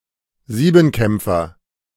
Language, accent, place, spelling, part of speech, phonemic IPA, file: German, Germany, Berlin, Siebenkämpfer, noun, /ˈziːbm̩ˌkɛmpfɐ/, De-Siebenkämpfer.ogg
- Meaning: heptathlete